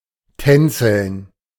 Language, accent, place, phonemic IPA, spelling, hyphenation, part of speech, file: German, Germany, Berlin, /ˈtɛnt͡sl̩n/, tänzeln, tän‧zeln, verb, De-tänzeln.ogg
- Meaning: to sashay